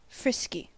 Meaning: 1. Abounding in energy or playfulness 2. Sexually aroused
- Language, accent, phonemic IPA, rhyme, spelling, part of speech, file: English, US, /ˈfɹɪski/, -ɪski, frisky, adjective, En-us-frisky.ogg